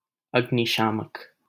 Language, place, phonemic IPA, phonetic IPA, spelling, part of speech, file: Hindi, Delhi, /əɡ.nɪ.ʃɑː.mək/, [ɐɡ.nɪ.ʃäː.mɐk], अग्निशामक, noun, LL-Q1568 (hin)-अग्निशामक.wav
- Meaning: 1. fire extinguisher 2. firefighter